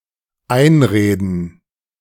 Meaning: 1. to talk into (doing/believing something), convince, persuade 2. [with auf and accusative] to talk at someone; to talk insistently/incessantly (to sb)
- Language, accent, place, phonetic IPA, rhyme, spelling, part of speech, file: German, Germany, Berlin, [ˈaɪ̯nˌʁeːdn̩], -aɪ̯nʁeːdn̩, einreden, verb, De-einreden.ogg